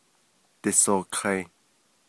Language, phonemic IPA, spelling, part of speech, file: Navajo, /tɪ̀sòːhkʰɑ̀ɪ̀/, disoohkai, verb, Nv-disoohkai.ogg
- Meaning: second-person plural perfective of dighááh